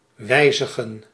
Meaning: to edit, change, modify, alter
- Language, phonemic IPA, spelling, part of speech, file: Dutch, /ˈwɛizəɣə(n)/, wijzigen, verb, Nl-wijzigen.ogg